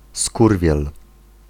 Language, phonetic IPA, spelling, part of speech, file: Polish, [ˈskurvʲjɛl], skurwiel, noun, Pl-skurwiel.ogg